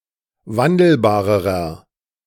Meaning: inflection of wandelbar: 1. strong/mixed nominative masculine singular comparative degree 2. strong genitive/dative feminine singular comparative degree 3. strong genitive plural comparative degree
- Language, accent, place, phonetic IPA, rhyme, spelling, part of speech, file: German, Germany, Berlin, [ˈvandl̩baːʁəʁɐ], -andl̩baːʁəʁɐ, wandelbarerer, adjective, De-wandelbarerer.ogg